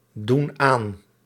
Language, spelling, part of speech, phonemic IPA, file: Dutch, doen aan, verb, /ˈdun ˈan/, Nl-doen aan.ogg
- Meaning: inflection of aandoen: 1. plural present indicative 2. plural present subjunctive